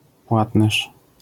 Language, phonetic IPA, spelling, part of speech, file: Polish, [ˈpwatnɛʃ], płatnerz, noun, LL-Q809 (pol)-płatnerz.wav